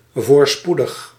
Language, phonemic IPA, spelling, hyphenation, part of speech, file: Dutch, /ˌvoːrˈspu.dəx/, voorspoedig, voor‧spoe‧dig, adjective, Nl-voorspoedig.ogg
- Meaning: successful, prosperous, propitious, favourable